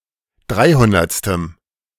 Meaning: strong dative masculine/neuter singular of dreihundertste
- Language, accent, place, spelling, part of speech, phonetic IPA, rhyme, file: German, Germany, Berlin, dreihundertstem, adjective, [ˈdʁaɪ̯ˌhʊndɐt͡stəm], -aɪ̯hʊndɐt͡stəm, De-dreihundertstem.ogg